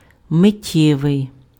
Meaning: 1. momentary (lasting only a moment; transient, fleeting) 2. instant, instantaneous (happening immediately, suddenly)
- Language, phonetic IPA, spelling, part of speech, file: Ukrainian, [meˈtʲːɛʋei̯], миттєвий, adjective, Uk-миттєвий.ogg